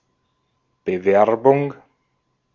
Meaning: 1. application (for a job or position), candidature 2. promotion (of a product, etc.)
- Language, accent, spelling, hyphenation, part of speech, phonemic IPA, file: German, Austria, Bewerbung, Be‧wer‧bung, noun, /bəˈvɛrbʊŋ/, De-at-Bewerbung.ogg